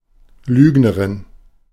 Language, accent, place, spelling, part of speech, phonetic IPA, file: German, Germany, Berlin, Lügnerin, noun, [ˈlyːɡnəʁɪn], De-Lügnerin.ogg
- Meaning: liar (female)